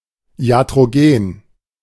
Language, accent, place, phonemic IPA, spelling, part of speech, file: German, Germany, Berlin, /i̯atʁoˈɡeːn/, iatrogen, adjective, De-iatrogen.ogg
- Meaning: iatrogenic